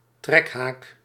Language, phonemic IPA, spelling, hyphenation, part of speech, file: Dutch, /ˈtrɛk.ɦaːk/, trekhaak, trek‧haak, noun, Nl-trekhaak.ogg
- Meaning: tow hitch, tow bar